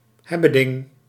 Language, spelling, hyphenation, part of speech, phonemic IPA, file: Dutch, hebbeding, heb‧be‧ding, noun, /ˈɦɛbəˌdɪŋ/, Nl-hebbeding.ogg
- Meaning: 1. piece of junk 2. gadget, gimmick, trinket (desirable but often depreciated commodity)